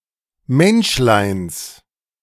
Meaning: genitive singular of Menschlein
- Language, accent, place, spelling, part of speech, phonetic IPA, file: German, Germany, Berlin, Menschleins, noun, [ˈmɛnʃlaɪ̯ns], De-Menschleins.ogg